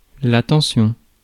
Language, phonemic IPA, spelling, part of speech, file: French, /tɑ̃.sjɔ̃/, tension, noun, Fr-tension.ogg
- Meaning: 1. tension 2. blood pressure 3. voltage